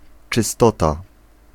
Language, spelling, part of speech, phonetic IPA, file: Polish, czystota, noun, [t͡ʃɨˈstɔta], Pl-czystota.ogg